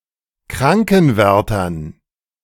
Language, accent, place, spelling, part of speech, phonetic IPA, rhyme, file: German, Germany, Berlin, Krankenwärtern, noun, [ˈkʁaŋkn̩ˌvɛʁtɐn], -aŋkn̩vɛʁtɐn, De-Krankenwärtern.ogg
- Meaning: dative plural of Krankenwärter